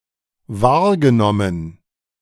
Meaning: past participle of wahrnehmen; perceived, discerned
- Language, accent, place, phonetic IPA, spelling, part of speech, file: German, Germany, Berlin, [ˈvaːɐ̯ɡəˌnɔmən], wahrgenommen, verb, De-wahrgenommen.ogg